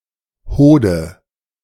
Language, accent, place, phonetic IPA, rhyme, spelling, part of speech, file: German, Germany, Berlin, [ˈhoːdə], -oːdə, Hode, noun, De-Hode.ogg
- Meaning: testicle